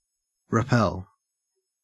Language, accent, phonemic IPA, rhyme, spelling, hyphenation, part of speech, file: English, Australia, /ɹɪˈpɛl/, -ɛl, repel, re‧pel, verb, En-au-repel.ogg
- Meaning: 1. To turn (someone) away from a privilege, right, job, etc 2. To reject, put off (a request, demand etc.) 3. To ward off (a malignant influence, attack etc.)